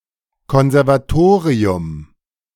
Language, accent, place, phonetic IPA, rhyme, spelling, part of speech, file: German, Germany, Berlin, [ˌkɔnzɛʁvaˈtoːʁiʊm], -oːʁiʊm, Konservatorium, noun, De-Konservatorium.ogg
- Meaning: conservatory